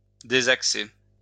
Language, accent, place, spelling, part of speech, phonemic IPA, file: French, France, Lyon, désaxer, verb, /de.zak.se/, LL-Q150 (fra)-désaxer.wav
- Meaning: 1. to unbalance 2. to derail